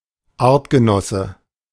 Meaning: 1. member of the same species; conspecific 2. fellow
- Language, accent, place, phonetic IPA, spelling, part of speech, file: German, Germany, Berlin, [ˈaːɐ̯tɡəˌnɔsə], Artgenosse, noun, De-Artgenosse.ogg